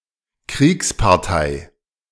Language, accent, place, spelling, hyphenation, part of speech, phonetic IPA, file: German, Germany, Berlin, Kriegspartei, Kriegs‧par‧tei, noun, [ˈkʁiːkspaʁˌtaɪ̯], De-Kriegspartei.ogg
- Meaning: 1. belligerent (of a conflict) 2. pro-war faction